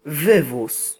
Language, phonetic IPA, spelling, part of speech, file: Polish, [ˈvɨvus], wywóz, noun, Pl-wywóz.ogg